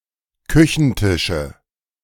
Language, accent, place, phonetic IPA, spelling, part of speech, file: German, Germany, Berlin, [ˈkʏçn̩ˌtɪʃə], Küchentische, noun, De-Küchentische.ogg
- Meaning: nominative/accusative/genitive plural of Küchentisch